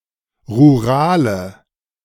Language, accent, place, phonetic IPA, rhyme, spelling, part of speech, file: German, Germany, Berlin, [ʁuˈʁaːlə], -aːlə, rurale, adjective, De-rurale.ogg
- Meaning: inflection of rural: 1. strong/mixed nominative/accusative feminine singular 2. strong nominative/accusative plural 3. weak nominative all-gender singular 4. weak accusative feminine/neuter singular